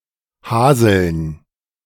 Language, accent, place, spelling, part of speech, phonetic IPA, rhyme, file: German, Germany, Berlin, Haseln, noun, [ˈhaːzl̩n], -aːzl̩n, De-Haseln.ogg
- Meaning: plural of Hasel